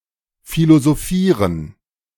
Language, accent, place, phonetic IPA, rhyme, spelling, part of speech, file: German, Germany, Berlin, [ˌfilozoˈfiːʁən], -iːʁən, philosophieren, verb, De-philosophieren.ogg
- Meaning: to philosophize